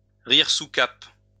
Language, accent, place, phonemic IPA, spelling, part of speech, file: French, France, Lyon, /ʁiʁ su kap/, rire sous cape, verb, LL-Q150 (fra)-rire sous cape.wav
- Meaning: to laugh in one's sleeve, to chuckle to oneself